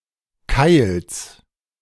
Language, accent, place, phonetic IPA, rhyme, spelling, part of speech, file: German, Germany, Berlin, [kaɪ̯ls], -aɪ̯ls, Keils, noun, De-Keils.ogg
- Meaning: genitive singular of Keil